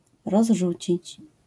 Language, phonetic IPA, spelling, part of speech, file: Polish, [rɔzˈʒut͡ɕit͡ɕ], rozrzucić, verb, LL-Q809 (pol)-rozrzucić.wav